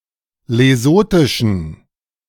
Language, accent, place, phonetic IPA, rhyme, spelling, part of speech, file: German, Germany, Berlin, [leˈzoːtɪʃn̩], -oːtɪʃn̩, lesothischen, adjective, De-lesothischen.ogg
- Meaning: inflection of lesothisch: 1. strong genitive masculine/neuter singular 2. weak/mixed genitive/dative all-gender singular 3. strong/weak/mixed accusative masculine singular 4. strong dative plural